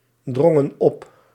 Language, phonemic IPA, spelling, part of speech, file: Dutch, /ˈdrɔŋə(n) ˈɔp/, drongen op, verb, Nl-drongen op.ogg
- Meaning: inflection of opdringen: 1. plural past indicative 2. plural past subjunctive